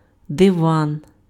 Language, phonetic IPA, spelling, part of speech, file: Ukrainian, [deˈʋan], диван, noun, Uk-диван.ogg
- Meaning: 1. sofa, couch, divan 2. divan, diwan (the council of state in a Muslim country)